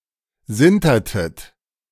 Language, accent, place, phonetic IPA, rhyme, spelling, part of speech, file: German, Germany, Berlin, [ˈzɪntɐtət], -ɪntɐtət, sintertet, verb, De-sintertet.ogg
- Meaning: inflection of sintern: 1. second-person plural preterite 2. second-person plural subjunctive II